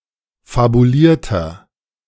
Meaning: inflection of fabuliert: 1. strong/mixed nominative masculine singular 2. strong genitive/dative feminine singular 3. strong genitive plural
- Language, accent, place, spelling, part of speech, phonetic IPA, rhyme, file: German, Germany, Berlin, fabulierter, adjective, [fabuˈliːɐ̯tɐ], -iːɐ̯tɐ, De-fabulierter.ogg